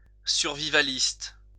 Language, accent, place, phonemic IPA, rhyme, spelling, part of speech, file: French, France, Lyon, /syʁ.vi.va.list/, -ist, survivaliste, adjective / noun, LL-Q150 (fra)-survivaliste.wav
- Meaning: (adjective) survivalist